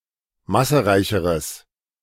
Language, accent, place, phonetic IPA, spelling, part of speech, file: German, Germany, Berlin, [ˈmasəˌʁaɪ̯çəʁəs], massereicheres, adjective, De-massereicheres.ogg
- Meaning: strong/mixed nominative/accusative neuter singular comparative degree of massereich